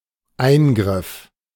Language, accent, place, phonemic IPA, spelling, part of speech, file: German, Germany, Berlin, /ˈaɪ̯nɡʁɪf/, Eingriff, noun, De-Eingriff.ogg
- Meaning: 1. intervention 2. operation